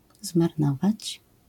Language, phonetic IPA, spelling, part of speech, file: Polish, [zmarˈnɔvat͡ɕ], zmarnować, verb, LL-Q809 (pol)-zmarnować.wav